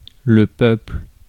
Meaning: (noun) 1. people (nation, distinct ethnic group) 2. the people, the general population, the common folk; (verb) inflection of peupler: first/third-person singular present
- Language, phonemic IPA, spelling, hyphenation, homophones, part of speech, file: French, /pœpl/, peuple, peu‧ple, peuplent / peuples, noun / verb, Fr-peuple.ogg